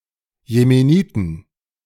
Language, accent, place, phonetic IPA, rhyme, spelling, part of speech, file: German, Germany, Berlin, [jemeˈniːtn̩], -iːtn̩, Jemeniten, noun, De-Jemeniten.ogg
- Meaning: plural of Jemenit